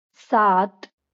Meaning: seven
- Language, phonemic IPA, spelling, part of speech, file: Marathi, /sat̪/, सात, numeral, LL-Q1571 (mar)-सात.wav